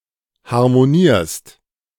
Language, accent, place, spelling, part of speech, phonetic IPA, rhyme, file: German, Germany, Berlin, harmonierst, verb, [haʁmoˈniːɐ̯st], -iːɐ̯st, De-harmonierst.ogg
- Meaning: second-person singular present of harmonieren